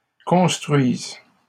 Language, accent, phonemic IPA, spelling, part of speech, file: French, Canada, /kɔ̃s.tʁɥiz/, construises, verb, LL-Q150 (fra)-construises.wav
- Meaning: second-person singular present subjunctive of construire